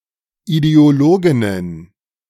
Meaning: plural of Ideologin
- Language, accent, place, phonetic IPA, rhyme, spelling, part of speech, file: German, Germany, Berlin, [ideoˈloːɡɪnən], -oːɡɪnən, Ideologinnen, noun, De-Ideologinnen.ogg